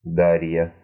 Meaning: a female given name, Darya, equivalent to English Daria
- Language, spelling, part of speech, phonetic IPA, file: Russian, Дарья, proper noun, [ˈdarʲjə], Ru-Да́рья.ogg